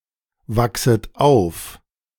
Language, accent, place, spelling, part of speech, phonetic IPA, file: German, Germany, Berlin, wachset auf, verb, [ˌvaksət ˈaʊ̯f], De-wachset auf.ogg
- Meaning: second-person plural subjunctive I of aufwachsen